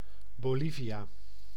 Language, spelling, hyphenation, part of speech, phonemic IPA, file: Dutch, Bolivia, Bo‧li‧via, proper noun, /ˌboːˈli.vi.aː/, Nl-Bolivia.ogg
- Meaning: Bolivia (a country in South America)